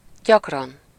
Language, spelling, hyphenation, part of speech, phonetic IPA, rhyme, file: Hungarian, gyakran, gyak‧ran, adverb, [ˈɟɒkrɒn], -ɒn, Hu-gyakran.ogg
- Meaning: often, frequently (many times)